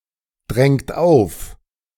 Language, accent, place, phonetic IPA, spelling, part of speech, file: German, Germany, Berlin, [ˌdʁɛŋt ˈaʊ̯f], drängt auf, verb, De-drängt auf.ogg
- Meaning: inflection of aufdrängen: 1. second-person plural present 2. third-person singular present 3. plural imperative